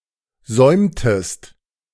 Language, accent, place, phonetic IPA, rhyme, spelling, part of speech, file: German, Germany, Berlin, [ˈzɔɪ̯mtəst], -ɔɪ̯mtəst, säumtest, verb, De-säumtest.ogg
- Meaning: inflection of säumen: 1. second-person singular preterite 2. second-person singular subjunctive II